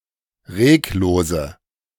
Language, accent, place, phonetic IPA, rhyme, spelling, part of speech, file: German, Germany, Berlin, [ˈʁeːkˌloːzə], -eːkloːzə, reglose, adjective, De-reglose.ogg
- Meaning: inflection of reglos: 1. strong/mixed nominative/accusative feminine singular 2. strong nominative/accusative plural 3. weak nominative all-gender singular 4. weak accusative feminine/neuter singular